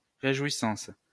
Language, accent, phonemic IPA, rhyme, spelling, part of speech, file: French, France, /ʁe.ʒwi.sɑ̃s/, -ɑ̃s, réjouissance, noun, LL-Q150 (fra)-réjouissance.wav
- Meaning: 1. rejoicing 2. festivities